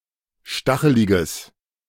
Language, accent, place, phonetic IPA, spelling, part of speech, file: German, Germany, Berlin, [ˈʃtaxəlɪɡəs], stacheliges, adjective, De-stacheliges.ogg
- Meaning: strong/mixed nominative/accusative neuter singular of stachelig